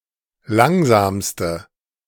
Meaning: inflection of langsam: 1. strong/mixed nominative/accusative feminine singular superlative degree 2. strong nominative/accusative plural superlative degree
- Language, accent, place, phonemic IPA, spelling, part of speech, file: German, Germany, Berlin, /ˈlaŋzaːmstə/, langsamste, adjective, De-langsamste.ogg